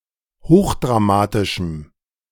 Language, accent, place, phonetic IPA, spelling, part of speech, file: German, Germany, Berlin, [ˈhoːxdʁaˌmaːtɪʃm̩], hochdramatischem, adjective, De-hochdramatischem.ogg
- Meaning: strong dative masculine/neuter singular of hochdramatisch